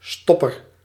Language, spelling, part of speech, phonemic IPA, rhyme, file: Dutch, stopper, noun, /ˈstɔpər/, -ɔpər, Nl-stopper.ogg
- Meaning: stop (device to block path)